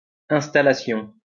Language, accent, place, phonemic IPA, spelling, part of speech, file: French, France, Lyon, /ɛ̃s.ta.la.sjɔ̃/, installation, noun, LL-Q150 (fra)-installation.wav
- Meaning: installation